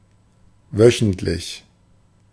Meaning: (adjective) weekly; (adverb) 1. weekly, every week 2. weekly, once every week
- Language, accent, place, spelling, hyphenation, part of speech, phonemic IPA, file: German, Germany, Berlin, wöchentlich, wö‧chent‧lich, adjective / adverb, /ˈvœçn̩tlɪç/, De-wöchentlich.ogg